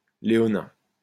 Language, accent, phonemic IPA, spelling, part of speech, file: French, France, /le.ɔ.nɛ̃/, léonin, adjective, LL-Q150 (fra)-léonin.wav
- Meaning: 1. lion; leonine 2. unequal, unjust